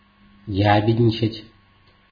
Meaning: to snitch, to inform [with на (na, + accusative) ‘on someone’] (especially of children>)
- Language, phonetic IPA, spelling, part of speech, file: Russian, [ˈjæbʲɪdʲnʲɪt͡ɕɪtʲ], ябедничать, verb, Ru-ябедничать.ogg